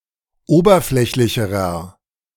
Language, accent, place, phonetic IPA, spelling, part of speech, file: German, Germany, Berlin, [ˈoːbɐˌflɛçlɪçəʁɐ], oberflächlicherer, adjective, De-oberflächlicherer.ogg
- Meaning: inflection of oberflächlich: 1. strong/mixed nominative masculine singular comparative degree 2. strong genitive/dative feminine singular comparative degree